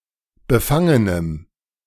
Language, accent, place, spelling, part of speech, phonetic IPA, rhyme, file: German, Germany, Berlin, befangenem, adjective, [bəˈfaŋənəm], -aŋənəm, De-befangenem.ogg
- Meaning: strong dative masculine/neuter singular of befangen